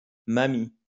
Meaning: 1. granny, grandma 2. old woman, old lady, granny
- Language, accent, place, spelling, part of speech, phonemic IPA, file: French, France, Lyon, mamie, noun, /ma.mi/, LL-Q150 (fra)-mamie.wav